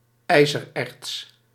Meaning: iron ore
- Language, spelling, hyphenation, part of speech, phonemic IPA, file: Dutch, ijzererts, ij‧zer‧erts, noun, /ˈɛizərˌɛrts/, Nl-ijzererts.ogg